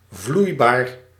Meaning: liquid (capable of flowing, and neither solid nor gaseous)
- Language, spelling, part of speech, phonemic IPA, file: Dutch, vloeibaar, adjective, /ˈvlujbar/, Nl-vloeibaar.ogg